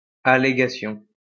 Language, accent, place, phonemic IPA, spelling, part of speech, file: French, France, Lyon, /a.le.ɡa.sjɔ̃/, allégation, noun, LL-Q150 (fra)-allégation.wav
- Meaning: allegation